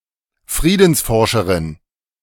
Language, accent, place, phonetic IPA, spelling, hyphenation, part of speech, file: German, Germany, Berlin, [ˈfʀiːdn̩sfɔrʃəʀɪn], Friedensforscherin, Frie‧dens‧for‧sche‧rin, noun, De-Friedensforscherin.ogg
- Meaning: peace researcher